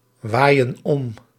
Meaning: inflection of omwaaien: 1. plural present indicative 2. plural present subjunctive
- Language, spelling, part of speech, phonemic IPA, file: Dutch, waaien om, verb, /ˈwajə(n) ˈɔm/, Nl-waaien om.ogg